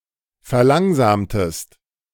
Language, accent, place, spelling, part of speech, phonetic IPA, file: German, Germany, Berlin, verlangsamtest, verb, [fɛɐ̯ˈlaŋzaːmtəst], De-verlangsamtest.ogg
- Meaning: inflection of verlangsamen: 1. second-person singular preterite 2. second-person singular subjunctive II